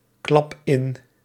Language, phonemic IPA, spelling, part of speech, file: Dutch, /ˈklɑp ˈɪn/, klap in, verb, Nl-klap in.ogg
- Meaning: inflection of inklappen: 1. first-person singular present indicative 2. second-person singular present indicative 3. imperative